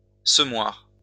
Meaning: 1. seed bag 2. seeder (machine)
- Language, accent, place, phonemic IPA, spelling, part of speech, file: French, France, Lyon, /sə.mwaʁ/, semoir, noun, LL-Q150 (fra)-semoir.wav